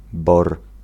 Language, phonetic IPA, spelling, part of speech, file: Polish, [bɔr], bor, noun, Pl-bor.ogg